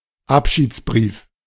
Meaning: 1. farewell letter 2. suicide note
- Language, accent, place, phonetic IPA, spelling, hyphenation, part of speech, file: German, Germany, Berlin, [ˈapʃiːt͡sˌbʀiːf], Abschiedsbrief, Ab‧schieds‧brief, noun, De-Abschiedsbrief.ogg